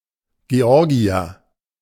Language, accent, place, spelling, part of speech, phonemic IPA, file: German, Germany, Berlin, Georgier, noun, /ɡeˈɔʁɡiɐ/, De-Georgier.ogg
- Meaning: Georgian (man from the country of Georgia)